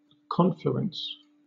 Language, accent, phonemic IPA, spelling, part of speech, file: English, Southern England, /ˈkɒn.flu.əns/, confluence, noun / verb, LL-Q1860 (eng)-confluence.wav
- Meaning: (noun) The act of combining that occurs where two rivers meet